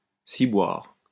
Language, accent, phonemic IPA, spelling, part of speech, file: French, France, /si.bwaʁ/, ciboire, noun / interjection, LL-Q150 (fra)-ciboire.wav
- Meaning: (noun) the ciborium cup, pyx; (interjection) a mild profanity